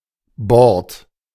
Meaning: 1. shelf (board fixed to the wall) 2. bordure 3. embankment, slope, sloped verge by a road 4. board (of a ship, airplane)
- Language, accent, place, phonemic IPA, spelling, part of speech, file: German, Germany, Berlin, /bɔʁt/, Bord, noun, De-Bord.ogg